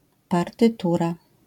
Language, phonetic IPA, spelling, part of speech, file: Polish, [ˌpartɨˈtura], partytura, noun, LL-Q809 (pol)-partytura.wav